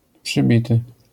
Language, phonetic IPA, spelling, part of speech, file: Polish, [pʃɨˈbʲitɨ], przybity, verb / adjective, LL-Q809 (pol)-przybity.wav